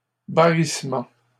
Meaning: trumpet (the sound of an elephant)
- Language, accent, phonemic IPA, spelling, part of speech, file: French, Canada, /ba.ʁis.mɑ̃/, barrissement, noun, LL-Q150 (fra)-barrissement.wav